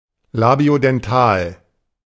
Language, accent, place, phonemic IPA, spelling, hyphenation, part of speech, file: German, Germany, Berlin, /labi̯odɛnˈtaːl/, labiodental, la‧bio‧den‧tal, adjective, De-labiodental.ogg
- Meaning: labiodental